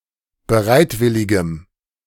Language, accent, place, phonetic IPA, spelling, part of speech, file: German, Germany, Berlin, [bəˈʁaɪ̯tˌvɪlɪɡəm], bereitwilligem, adjective, De-bereitwilligem.ogg
- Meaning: strong dative masculine/neuter singular of bereitwillig